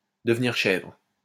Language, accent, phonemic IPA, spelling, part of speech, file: French, France, /də.v(ə).niʁ ʃɛvʁ/, devenir chèvre, verb, LL-Q150 (fra)-devenir chèvre.wav
- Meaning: 1. to get worked up, lose patience 2. to become furious, become enraged